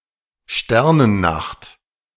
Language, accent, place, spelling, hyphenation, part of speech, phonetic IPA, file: German, Germany, Berlin, Sternennacht, Ster‧nen‧nacht, noun, [ˈʃtɛʁnənˌnaxt], De-Sternennacht.ogg
- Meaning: starry night